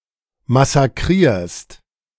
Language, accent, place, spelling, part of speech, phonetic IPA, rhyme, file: German, Germany, Berlin, massakrierst, verb, [masaˈkʁiːɐ̯st], -iːɐ̯st, De-massakrierst.ogg
- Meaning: second-person singular present of massakrieren